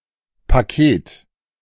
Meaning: 1. packet, package, parcel (the term is almost exclusively used for packages sent by mail) 2. package, bundle (collective of different, often immaterial things) 3. data packet
- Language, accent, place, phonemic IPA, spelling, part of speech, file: German, Germany, Berlin, /paˈkeːt/, Paket, noun, De-Paket.ogg